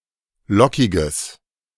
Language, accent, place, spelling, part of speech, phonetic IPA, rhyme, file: German, Germany, Berlin, lockiges, adjective, [ˈlɔkɪɡəs], -ɔkɪɡəs, De-lockiges.ogg
- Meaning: strong/mixed nominative/accusative neuter singular of lockig